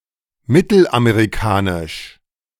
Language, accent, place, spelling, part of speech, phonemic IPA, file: German, Germany, Berlin, mittelamerikanisch, adjective, /ˈmɪtl̩ʔameʁiˌkaːnɪʃ/, De-mittelamerikanisch.ogg
- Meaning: Central American